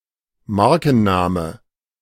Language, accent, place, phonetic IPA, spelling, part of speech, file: German, Germany, Berlin, [ˈmaʁkn̩ˌnaːmə], Markenname, noun, De-Markenname.ogg
- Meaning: brand name